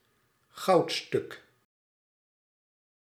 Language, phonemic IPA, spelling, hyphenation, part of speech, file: Dutch, /ˈɣɑu̯t.stʏk/, goudstuk, goud‧stuk, noun, Nl-goudstuk.ogg
- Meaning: gold coin